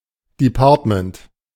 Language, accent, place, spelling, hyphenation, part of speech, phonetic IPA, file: German, Germany, Berlin, Department, De‧part‧ment, noun, [diˈpaːɐ̯tmənt], De-Department.ogg
- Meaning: department